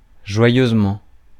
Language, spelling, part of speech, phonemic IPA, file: French, joyeusement, adverb, /ʒwa.jøz.mɑ̃/, Fr-joyeusement.ogg
- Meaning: joyfully, joyously